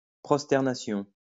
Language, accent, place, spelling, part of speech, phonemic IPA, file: French, France, Lyon, prosternation, noun, /pʁɔs.tɛʁ.na.sjɔ̃/, LL-Q150 (fra)-prosternation.wav
- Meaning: prostration